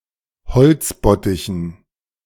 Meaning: strong dative masculine/neuter singular of beziffert
- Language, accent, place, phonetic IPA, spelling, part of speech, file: German, Germany, Berlin, [bəˈt͡sɪfɐtəm], beziffertem, adjective, De-beziffertem.ogg